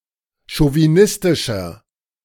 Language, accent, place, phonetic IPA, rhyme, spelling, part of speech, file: German, Germany, Berlin, [ʃoviˈnɪstɪʃɐ], -ɪstɪʃɐ, chauvinistischer, adjective, De-chauvinistischer.ogg
- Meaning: 1. comparative degree of chauvinistisch 2. inflection of chauvinistisch: strong/mixed nominative masculine singular 3. inflection of chauvinistisch: strong genitive/dative feminine singular